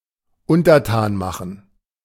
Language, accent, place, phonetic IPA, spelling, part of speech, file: German, Germany, Berlin, [ˈʊntɐˌtaːn ˈmaχ(ə)n], untertan machen, verb, De-untertan machen.ogg
- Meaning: to subdue